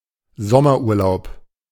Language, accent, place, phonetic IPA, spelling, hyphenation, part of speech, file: German, Germany, Berlin, [ˈzɔmɐʔuːɐ̯ˌlaʊ̯p], Sommerurlaub, Som‧mer‧ur‧laub, noun, De-Sommerurlaub.ogg
- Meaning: summer vacation, summer holiday